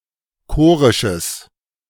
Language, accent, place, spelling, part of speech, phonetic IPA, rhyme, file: German, Germany, Berlin, chorisches, adjective, [ˈkoːʁɪʃəs], -oːʁɪʃəs, De-chorisches.ogg
- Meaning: strong/mixed nominative/accusative neuter singular of chorisch